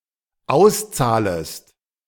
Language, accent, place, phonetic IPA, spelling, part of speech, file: German, Germany, Berlin, [ˈaʊ̯sˌt͡saːləst], auszahlest, verb, De-auszahlest.ogg
- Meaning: second-person singular dependent subjunctive I of auszahlen